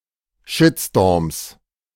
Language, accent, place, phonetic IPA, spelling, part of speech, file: German, Germany, Berlin, [ˈʃɪtstoːɐ̯ms], Shitstorms, noun, De-Shitstorms.ogg
- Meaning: 1. genitive singular of Shitstorm 2. plural of Shitstorm